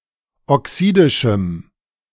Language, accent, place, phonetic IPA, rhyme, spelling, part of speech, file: German, Germany, Berlin, [ɔˈksiːdɪʃm̩], -iːdɪʃm̩, oxidischem, adjective, De-oxidischem.ogg
- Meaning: strong dative masculine/neuter singular of oxidisch